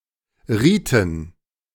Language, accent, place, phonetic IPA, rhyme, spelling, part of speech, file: German, Germany, Berlin, [ˈʁiːtn̩], -iːtn̩, Riten, noun, De-Riten.ogg
- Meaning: plural of Ritus